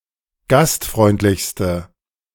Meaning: inflection of gastfreundlich: 1. strong/mixed nominative/accusative feminine singular superlative degree 2. strong nominative/accusative plural superlative degree
- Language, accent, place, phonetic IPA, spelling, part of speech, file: German, Germany, Berlin, [ˈɡastˌfʁɔɪ̯ntlɪçstə], gastfreundlichste, adjective, De-gastfreundlichste.ogg